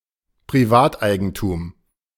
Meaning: private property
- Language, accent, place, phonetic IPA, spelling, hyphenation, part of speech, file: German, Germany, Berlin, [pʁiˈvaːtˌʔaɪ̯ɡn̩tuːm], Privateigentum, Pri‧vat‧ei‧gen‧tum, noun, De-Privateigentum.ogg